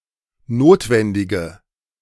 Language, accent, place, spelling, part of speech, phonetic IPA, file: German, Germany, Berlin, notwendige, adjective, [ˈnoːtvɛndɪɡə], De-notwendige.ogg
- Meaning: inflection of notwendig: 1. strong/mixed nominative/accusative feminine singular 2. strong nominative/accusative plural 3. weak nominative all-gender singular